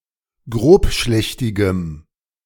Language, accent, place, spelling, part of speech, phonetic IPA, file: German, Germany, Berlin, grobschlächtigem, adjective, [ˈɡʁoːpˌʃlɛçtɪɡəm], De-grobschlächtigem.ogg
- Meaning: strong dative masculine/neuter singular of grobschlächtig